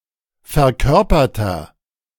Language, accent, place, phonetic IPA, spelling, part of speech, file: German, Germany, Berlin, [fɛɐ̯ˈkœʁpɐtɐ], verkörperter, adjective, De-verkörperter.ogg
- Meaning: inflection of verkörpert: 1. strong/mixed nominative masculine singular 2. strong genitive/dative feminine singular 3. strong genitive plural